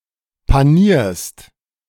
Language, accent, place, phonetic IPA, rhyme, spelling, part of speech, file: German, Germany, Berlin, [paˈniːɐ̯st], -iːɐ̯st, panierst, verb, De-panierst.ogg
- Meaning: second-person singular present of panieren